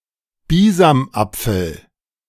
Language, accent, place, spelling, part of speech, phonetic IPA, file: German, Germany, Berlin, Bisamapfel, noun, [ˈbiːzamˌʔap͡fl̩], De-Bisamapfel.ogg
- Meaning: pomander